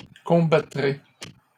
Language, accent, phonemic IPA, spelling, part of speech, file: French, Canada, /kɔ̃.ba.tʁe/, combattrai, verb, LL-Q150 (fra)-combattrai.wav
- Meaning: first-person singular future of combattre